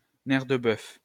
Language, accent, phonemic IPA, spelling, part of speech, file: French, France, /nɛʁ də bœf/, nerf de bœuf, noun, LL-Q150 (fra)-nerf de bœuf.wav
- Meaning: cosh (type of truncheon)